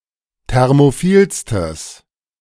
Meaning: strong/mixed nominative/accusative neuter singular superlative degree of thermophil
- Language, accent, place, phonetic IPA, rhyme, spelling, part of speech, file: German, Germany, Berlin, [ˌtɛʁmoˈfiːlstəs], -iːlstəs, thermophilstes, adjective, De-thermophilstes.ogg